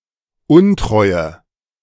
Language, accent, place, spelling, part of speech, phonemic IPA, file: German, Germany, Berlin, Untreue, noun, /ˈʊntʁɔɪ̯ə/, De-Untreue.ogg
- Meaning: unfaithfulness; disloyalty